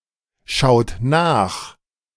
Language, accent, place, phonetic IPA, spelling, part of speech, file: German, Germany, Berlin, [ˌʃaʊ̯t ˈnaːx], schaut nach, verb, De-schaut nach.ogg
- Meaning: inflection of nachschauen: 1. second-person plural present 2. third-person singular present 3. plural imperative